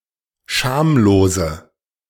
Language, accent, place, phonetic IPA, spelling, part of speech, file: German, Germany, Berlin, [ˈʃaːmloːzə], schamlose, adjective, De-schamlose.ogg
- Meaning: inflection of schamlos: 1. strong/mixed nominative/accusative feminine singular 2. strong nominative/accusative plural 3. weak nominative all-gender singular